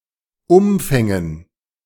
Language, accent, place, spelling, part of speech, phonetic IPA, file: German, Germany, Berlin, Umfängen, noun, [ˈʊmfɛŋən], De-Umfängen.ogg
- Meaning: dative plural of Umfang